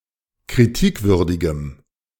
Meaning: strong dative masculine/neuter singular of kritikwürdig
- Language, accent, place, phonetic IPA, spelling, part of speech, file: German, Germany, Berlin, [kʁiˈtiːkˌvʏʁdɪɡəm], kritikwürdigem, adjective, De-kritikwürdigem.ogg